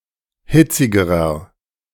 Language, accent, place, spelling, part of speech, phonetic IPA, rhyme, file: German, Germany, Berlin, hitzigerer, adjective, [ˈhɪt͡sɪɡəʁɐ], -ɪt͡sɪɡəʁɐ, De-hitzigerer.ogg
- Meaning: inflection of hitzig: 1. strong/mixed nominative masculine singular comparative degree 2. strong genitive/dative feminine singular comparative degree 3. strong genitive plural comparative degree